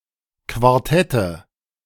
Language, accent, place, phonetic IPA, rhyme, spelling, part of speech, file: German, Germany, Berlin, [kvaʁˈtɛtə], -ɛtə, Quartette, noun, De-Quartette.ogg
- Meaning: nominative/accusative/genitive plural of Quartett